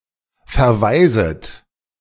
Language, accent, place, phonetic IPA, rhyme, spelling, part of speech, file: German, Germany, Berlin, [fɛɐ̯ˈvaɪ̯zət], -aɪ̯zət, verweiset, verb, De-verweiset.ogg
- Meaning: second-person plural subjunctive I of verweisen